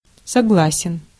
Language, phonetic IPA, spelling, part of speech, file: Russian, [sɐˈɡɫasʲɪn], согласен, adjective, Ru-согласен.ogg
- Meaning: short masculine singular of согла́сный (soglásnyj)